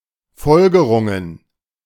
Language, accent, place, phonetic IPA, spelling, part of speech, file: German, Germany, Berlin, [ˈfɔlɡəʁʊŋən], Folgerungen, noun, De-Folgerungen.ogg
- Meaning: plural of Folgerung